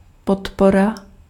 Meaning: support
- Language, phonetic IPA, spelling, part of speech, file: Czech, [ˈpotpora], podpora, noun, Cs-podpora.ogg